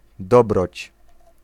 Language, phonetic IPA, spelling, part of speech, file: Polish, [ˈdɔbrɔt͡ɕ], dobroć, noun, Pl-dobroć.ogg